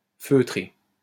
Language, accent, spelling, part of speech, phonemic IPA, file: French, France, feutré, verb / adjective, /fø.tʁe/, LL-Q150 (fra)-feutré.wav
- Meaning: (verb) past participle of feutrer; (adjective) 1. felt-like (having a texture like felt) 2. muted, muffled